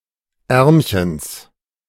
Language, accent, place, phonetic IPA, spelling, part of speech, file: German, Germany, Berlin, [ˈɛʁmçəns], Ärmchens, noun, De-Ärmchens.ogg
- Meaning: genitive of Ärmchen